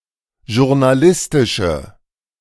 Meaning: inflection of journalistisch: 1. strong/mixed nominative/accusative feminine singular 2. strong nominative/accusative plural 3. weak nominative all-gender singular
- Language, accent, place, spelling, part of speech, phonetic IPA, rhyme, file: German, Germany, Berlin, journalistische, adjective, [ʒʊʁnaˈlɪstɪʃə], -ɪstɪʃə, De-journalistische.ogg